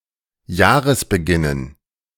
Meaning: dative plural of Jahresbeginn
- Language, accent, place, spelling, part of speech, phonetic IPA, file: German, Germany, Berlin, Jahresbeginnen, noun, [ˈjaːʁəsbəˌɡɪnən], De-Jahresbeginnen.ogg